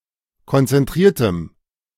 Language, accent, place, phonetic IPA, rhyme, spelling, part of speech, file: German, Germany, Berlin, [kɔnt͡sɛnˈtʁiːɐ̯təm], -iːɐ̯təm, konzentriertem, adjective, De-konzentriertem.ogg
- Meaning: strong dative masculine/neuter singular of konzentriert